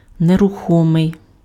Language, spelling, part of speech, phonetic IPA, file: Ukrainian, нерухомий, adjective, [nerʊˈxɔmei̯], Uk-нерухомий.ogg
- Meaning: immobile, immovable, stationary, motionless